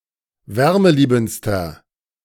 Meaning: inflection of wärmeliebend: 1. strong/mixed nominative masculine singular superlative degree 2. strong genitive/dative feminine singular superlative degree 3. strong genitive plural superlative degree
- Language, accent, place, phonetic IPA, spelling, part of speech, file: German, Germany, Berlin, [ˈvɛʁməˌliːbn̩t͡stɐ], wärmeliebendster, adjective, De-wärmeliebendster.ogg